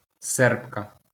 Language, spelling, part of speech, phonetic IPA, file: Ukrainian, сербка, noun, [ˈsɛrbkɐ], LL-Q8798 (ukr)-сербка.wav
- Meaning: female equivalent of серб (serb): Serb, Serbian